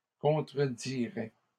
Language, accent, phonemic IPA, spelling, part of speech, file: French, Canada, /kɔ̃.tʁə.di.ʁɛ/, contrediraient, verb, LL-Q150 (fra)-contrediraient.wav
- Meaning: third-person plural conditional of contredire